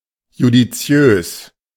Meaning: judicial
- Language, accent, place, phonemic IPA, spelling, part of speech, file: German, Germany, Berlin, /ˌjudiˈt͡si̯øːs/, judiziös, adjective, De-judiziös.ogg